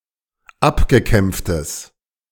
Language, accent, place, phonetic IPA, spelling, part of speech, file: German, Germany, Berlin, [ˈapɡəˌkɛmp͡ftəs], abgekämpftes, adjective, De-abgekämpftes.ogg
- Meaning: strong/mixed nominative/accusative neuter singular of abgekämpft